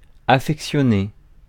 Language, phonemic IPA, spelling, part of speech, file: French, /a.fɛk.sjɔ.ne/, affectionner, verb, Fr-affectionner.ogg
- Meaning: to affectionate, to feel affection for, to be fond of